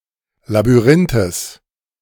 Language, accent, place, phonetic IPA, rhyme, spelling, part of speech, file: German, Germany, Berlin, [labyˈʁɪntəs], -ɪntəs, Labyrinthes, noun, De-Labyrinthes.ogg
- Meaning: genitive of Labyrinth